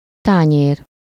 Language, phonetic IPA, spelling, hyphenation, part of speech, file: Hungarian, [ˈtaːɲeːr], tányér, tá‧nyér, noun, Hu-tányér.ogg
- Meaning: plate (dish)